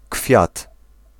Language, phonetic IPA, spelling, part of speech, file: Polish, [kfʲjat], kwiat, noun, Pl-kwiat.ogg